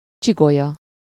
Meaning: vertebra
- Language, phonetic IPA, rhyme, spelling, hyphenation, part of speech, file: Hungarian, [ˈt͡ʃiɡojɒ], -jɒ, csigolya, csi‧go‧lya, noun, Hu-csigolya.ogg